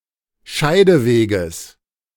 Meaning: genitive singular of Scheideweg
- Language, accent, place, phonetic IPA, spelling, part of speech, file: German, Germany, Berlin, [ˈʃaɪ̯dəˌveːɡəs], Scheideweges, noun, De-Scheideweges.ogg